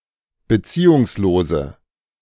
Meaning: inflection of beziehungslos: 1. strong/mixed nominative/accusative feminine singular 2. strong nominative/accusative plural 3. weak nominative all-gender singular
- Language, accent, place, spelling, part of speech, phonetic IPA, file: German, Germany, Berlin, beziehungslose, adjective, [bəˈt͡siːʊŋsˌloːzə], De-beziehungslose.ogg